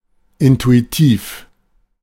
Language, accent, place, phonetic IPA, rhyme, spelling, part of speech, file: German, Germany, Berlin, [ˌɪntuiˈtiːf], -iːf, intuitiv, adjective, De-intuitiv.ogg
- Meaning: intuitive